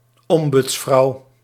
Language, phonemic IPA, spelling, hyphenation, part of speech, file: Dutch, /ˈɔm.bʏtsˌfrɑu̯/, ombudsvrouw, om‧buds‧vrouw, noun, Nl-ombudsvrouw.ogg
- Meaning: ombudswoman